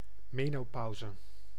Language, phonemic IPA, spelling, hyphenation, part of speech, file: Dutch, /ˈmeː.noːˌpɑu̯.zə/, menopauze, me‧no‧pau‧ze, noun, Nl-menopauze.ogg
- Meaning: menopause